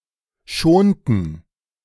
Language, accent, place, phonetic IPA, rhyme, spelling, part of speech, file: German, Germany, Berlin, [ˈʃoːntn̩], -oːntn̩, schonten, verb, De-schonten.ogg
- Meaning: inflection of schonen: 1. first/third-person plural preterite 2. first/third-person plural subjunctive II